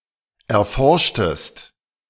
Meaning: inflection of erforschen: 1. second-person singular preterite 2. second-person singular subjunctive II
- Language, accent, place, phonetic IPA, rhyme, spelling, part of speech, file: German, Germany, Berlin, [ɛɐ̯ˈfɔʁʃtəst], -ɔʁʃtəst, erforschtest, verb, De-erforschtest.ogg